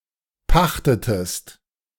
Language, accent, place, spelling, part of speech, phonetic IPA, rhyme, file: German, Germany, Berlin, pachtetest, verb, [ˈpaxtətəst], -axtətəst, De-pachtetest.ogg
- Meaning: inflection of pachten: 1. second-person singular preterite 2. second-person singular subjunctive II